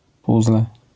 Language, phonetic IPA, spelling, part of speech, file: Polish, [ˈpuzlɛ], puzzle, noun, LL-Q809 (pol)-puzzle.wav